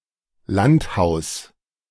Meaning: country house
- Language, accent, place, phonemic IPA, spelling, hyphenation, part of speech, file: German, Germany, Berlin, /ˈlantˌhaʊ̯s/, Landhaus, Land‧haus, noun, De-Landhaus.ogg